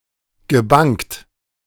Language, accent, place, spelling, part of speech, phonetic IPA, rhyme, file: German, Germany, Berlin, gebangt, verb, [ɡəˈbaŋt], -aŋt, De-gebangt.ogg
- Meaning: past participle of bangen